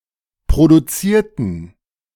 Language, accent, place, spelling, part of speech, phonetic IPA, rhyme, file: German, Germany, Berlin, produzierten, adjective / verb, [pʁoduˈt͡siːɐ̯tn̩], -iːɐ̯tn̩, De-produzierten.ogg
- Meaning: inflection of produzieren: 1. first/third-person plural preterite 2. first/third-person plural subjunctive II